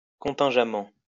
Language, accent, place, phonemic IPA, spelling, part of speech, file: French, France, Lyon, /kɔ̃.tɛ̃.ʒa.mɑ̃/, contingemment, adverb, LL-Q150 (fra)-contingemment.wav
- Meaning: contingently